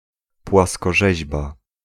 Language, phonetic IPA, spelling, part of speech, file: Polish, [ˌpwaskɔˈʒɛʑba], płaskorzeźba, noun, Pl-płaskorzeźba.ogg